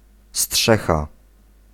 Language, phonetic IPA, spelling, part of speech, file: Polish, [ˈsṭʃɛxa], strzecha, noun, Pl-strzecha.ogg